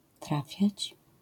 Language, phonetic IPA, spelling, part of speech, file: Polish, [ˈtrafʲjät͡ɕ], trafiać, verb, LL-Q809 (pol)-trafiać.wav